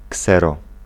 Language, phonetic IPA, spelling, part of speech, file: Polish, [ˈksɛrɔ], ksero, noun, Pl-ksero.ogg